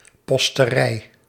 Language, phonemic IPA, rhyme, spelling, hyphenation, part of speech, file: Dutch, /ˌpɔs.təˈrɛi̯/, -ɛi̯, posterij, pos‧te‧rij, noun, Nl-posterij.ogg
- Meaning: 1. post office 2. a postal system or organization